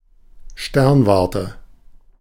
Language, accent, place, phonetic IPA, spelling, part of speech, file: German, Germany, Berlin, [ˈʃtɛʁnˌvaʁtə], Sternwarte, noun, De-Sternwarte.ogg
- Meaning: astronomical ground-based observatory